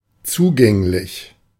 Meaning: 1. accessible, open, able to be factually or legally reached or accessed 2. amenable, open
- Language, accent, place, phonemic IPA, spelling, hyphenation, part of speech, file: German, Germany, Berlin, /ˈtsuːɡɛŋlɪç/, zugänglich, zu‧gäng‧lich, adjective, De-zugänglich.ogg